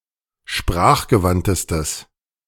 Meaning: strong/mixed nominative/accusative neuter singular superlative degree of sprachgewandt
- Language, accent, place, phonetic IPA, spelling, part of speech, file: German, Germany, Berlin, [ˈʃpʁaːxɡəˌvantəstəs], sprachgewandtestes, adjective, De-sprachgewandtestes.ogg